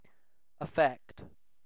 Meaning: 1. To influence or alter 2. To move to emotion 3. Of an illness or condition, to infect or harm (a part of the body) 4. To dispose or incline 5. To tend to by affinity or disposition
- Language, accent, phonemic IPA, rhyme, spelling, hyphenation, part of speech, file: English, UK, /əˈfɛkt/, -ɛkt, affect, af‧fect, verb, En-uk-affect.ogg